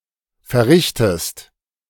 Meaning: inflection of verrichten: 1. second-person singular present 2. second-person singular subjunctive I
- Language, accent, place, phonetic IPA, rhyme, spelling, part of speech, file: German, Germany, Berlin, [fɛɐ̯ˈʁɪçtəst], -ɪçtəst, verrichtest, verb, De-verrichtest.ogg